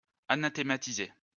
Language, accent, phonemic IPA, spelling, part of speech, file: French, France, /a.na.te.ma.ti.ze/, anathématiser, verb, LL-Q150 (fra)-anathématiser.wav
- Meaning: to anathematize